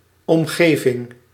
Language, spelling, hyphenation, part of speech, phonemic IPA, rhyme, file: Dutch, omgeving, om‧ge‧ving, noun, /ˌɔmˈɣeː.vɪŋ/, -eːvɪŋ, Nl-omgeving.ogg
- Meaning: 1. surroundings, area, environment, environs 2. social circle, environment